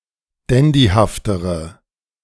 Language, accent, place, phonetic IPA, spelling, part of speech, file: German, Germany, Berlin, [ˈdɛndihaftəʁə], dandyhaftere, adjective, De-dandyhaftere.ogg
- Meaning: inflection of dandyhaft: 1. strong/mixed nominative/accusative feminine singular comparative degree 2. strong nominative/accusative plural comparative degree